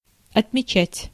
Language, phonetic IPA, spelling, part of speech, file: Russian, [ɐtmʲɪˈt͡ɕætʲ], отмечать, verb, Ru-отмечать.ogg
- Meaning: 1. to mark 2. to note 3. to mark off, to make a note (of) 4. to mention, to point to, to record 5. to celebrate, to mark by celebration, to commemorate, to observe (anniversary, ceremony)